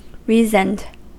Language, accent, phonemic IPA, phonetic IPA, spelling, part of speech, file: English, US, /ˈriːzənd/, [ˈɹiːzn̩d], reasoned, adjective / verb, En-us-reasoned.ogg
- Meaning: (adjective) based on reasoning; being the result of logical thought; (verb) simple past and past participle of reason